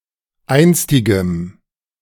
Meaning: strong dative masculine/neuter singular of einstig
- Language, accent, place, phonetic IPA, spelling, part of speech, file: German, Germany, Berlin, [ˈaɪ̯nstɪɡəm], einstigem, adjective, De-einstigem.ogg